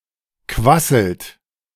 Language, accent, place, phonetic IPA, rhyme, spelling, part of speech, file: German, Germany, Berlin, [ˈkvasl̩t], -asl̩t, quasselt, verb, De-quasselt.ogg
- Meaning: inflection of quasseln: 1. third-person singular present 2. second-person plural present 3. plural imperative